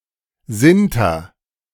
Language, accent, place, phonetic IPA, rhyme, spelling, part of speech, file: German, Germany, Berlin, [ˈzɪntɐ], -ɪntɐ, sinter, verb, De-sinter.ogg
- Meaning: inflection of sintern: 1. first-person singular present 2. singular imperative